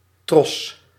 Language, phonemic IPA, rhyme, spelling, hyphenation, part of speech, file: Dutch, /trɔs/, -ɔs, tros, tros, noun, Nl-tros.ogg
- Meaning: 1. raceme 2. cluster, bunch, string (of berries) (of fruit) 3. hawser